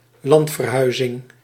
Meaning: emigration, migration
- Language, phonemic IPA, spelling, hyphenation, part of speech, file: Dutch, /ˈlɑnt.vərˌɦœy̯.zɪŋ/, landverhuizing, land‧ver‧hui‧zing, noun, Nl-landverhuizing.ogg